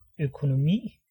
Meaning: 1. economy 2. economics 3. financial circumstances
- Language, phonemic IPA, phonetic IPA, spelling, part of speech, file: Danish, /økonomiː/, [økʰonoˈmiːˀ], økonomi, noun, Da-økonomi.ogg